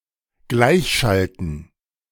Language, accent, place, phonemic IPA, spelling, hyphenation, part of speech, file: German, Germany, Berlin, /ˈɡlaɪ̯çˌʃaltn̩/, gleichschalten, gleich‧schal‧ten, verb, De-gleichschalten.ogg
- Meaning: 1. to synchronise 2. to force into Gleichschaltung 3. to subjugate (someone)’s thought and action to the policies and worldview of the ruling class